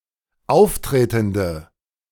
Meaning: inflection of auftretend: 1. strong/mixed nominative/accusative feminine singular 2. strong nominative/accusative plural 3. weak nominative all-gender singular
- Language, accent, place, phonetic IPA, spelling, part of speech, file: German, Germany, Berlin, [ˈaʊ̯fˌtʁeːtn̩də], auftretende, adjective, De-auftretende.ogg